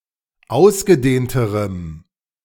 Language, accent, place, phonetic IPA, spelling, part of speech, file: German, Germany, Berlin, [ˈaʊ̯sɡəˌdeːntəʁəm], ausgedehnterem, adjective, De-ausgedehnterem.ogg
- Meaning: strong dative masculine/neuter singular comparative degree of ausgedehnt